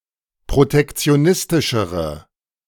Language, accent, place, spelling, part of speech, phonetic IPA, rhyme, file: German, Germany, Berlin, protektionistischere, adjective, [pʁotɛkt͡si̯oˈnɪstɪʃəʁə], -ɪstɪʃəʁə, De-protektionistischere.ogg
- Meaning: inflection of protektionistisch: 1. strong/mixed nominative/accusative feminine singular comparative degree 2. strong nominative/accusative plural comparative degree